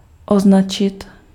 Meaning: 1. to mark, label, tag 2. to mark, highlight 3. to brand, classify
- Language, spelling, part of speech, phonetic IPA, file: Czech, označit, verb, [ˈoznat͡ʃɪt], Cs-označit.ogg